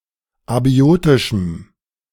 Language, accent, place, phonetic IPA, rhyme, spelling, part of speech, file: German, Germany, Berlin, [aˈbi̯oːtɪʃm̩], -oːtɪʃm̩, abiotischem, adjective, De-abiotischem.ogg
- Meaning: strong dative masculine/neuter singular of abiotisch